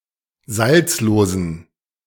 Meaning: inflection of salzlos: 1. strong genitive masculine/neuter singular 2. weak/mixed genitive/dative all-gender singular 3. strong/weak/mixed accusative masculine singular 4. strong dative plural
- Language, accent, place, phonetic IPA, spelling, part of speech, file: German, Germany, Berlin, [ˈzalt͡sloːzn̩], salzlosen, adjective, De-salzlosen.ogg